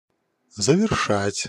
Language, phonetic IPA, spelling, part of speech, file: Russian, [zəvʲɪrˈʂatʲ], завершать, verb, Ru-завершать.ogg
- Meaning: 1. to finish, to complete, to accomplish 2. to conclude, to crown